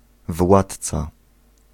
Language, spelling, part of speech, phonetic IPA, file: Polish, władca, noun, [ˈvwatt͡sa], Pl-władca.ogg